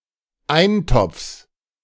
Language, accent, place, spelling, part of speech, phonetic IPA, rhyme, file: German, Germany, Berlin, Eintopfs, noun, [ˈaɪ̯nˌtɔp͡fs], -aɪ̯ntɔp͡fs, De-Eintopfs.ogg
- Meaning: genitive singular of Eintopf